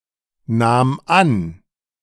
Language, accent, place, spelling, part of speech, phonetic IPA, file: German, Germany, Berlin, nahm an, verb, [ˌnaːm ˈan], De-nahm an.ogg
- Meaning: first/third-person singular preterite of annehmen